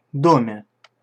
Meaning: prepositional singular of дом (dom)
- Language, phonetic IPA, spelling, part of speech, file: Russian, [ˈdomʲe], доме, noun, Ru-доме.ogg